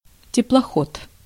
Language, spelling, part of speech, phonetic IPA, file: Russian, теплоход, noun, [tʲɪpɫɐˈxot], Ru-теплоход.ogg
- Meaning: motor ship